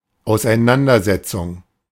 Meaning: 1. altercation; controversy; argument, dispute, debate 2. examination, analysis (mit of)
- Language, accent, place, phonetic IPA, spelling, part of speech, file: German, Germany, Berlin, [aʊ̯sʔaɪ̯ˈnandɐˌzɛt͡sʊŋ], Auseinandersetzung, noun, De-Auseinandersetzung.ogg